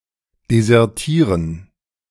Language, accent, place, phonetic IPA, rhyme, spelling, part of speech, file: German, Germany, Berlin, [dezɛʁˈtiːʁən], -iːʁən, desertieren, verb, De-desertieren.ogg
- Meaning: to desert